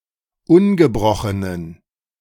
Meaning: inflection of ungebrochen: 1. strong genitive masculine/neuter singular 2. weak/mixed genitive/dative all-gender singular 3. strong/weak/mixed accusative masculine singular 4. strong dative plural
- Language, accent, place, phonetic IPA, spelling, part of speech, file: German, Germany, Berlin, [ˈʊnɡəˌbʁɔxənən], ungebrochenen, adjective, De-ungebrochenen.ogg